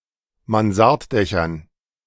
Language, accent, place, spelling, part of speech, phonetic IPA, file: German, Germany, Berlin, Mansarddächern, noun, [manˈzaʁtˌdɛçɐn], De-Mansarddächern.ogg
- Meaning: dative plural of Mansarddach